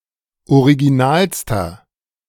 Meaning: inflection of original: 1. strong/mixed nominative masculine singular superlative degree 2. strong genitive/dative feminine singular superlative degree 3. strong genitive plural superlative degree
- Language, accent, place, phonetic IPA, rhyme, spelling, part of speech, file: German, Germany, Berlin, [oʁiɡiˈnaːlstɐ], -aːlstɐ, originalster, adjective, De-originalster.ogg